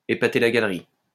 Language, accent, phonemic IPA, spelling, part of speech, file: French, France, /e.pa.te la ɡal.ʁi/, épater la galerie, verb, LL-Q150 (fra)-épater la galerie.wav
- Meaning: to impress the audience, to impress people, to cause a sensation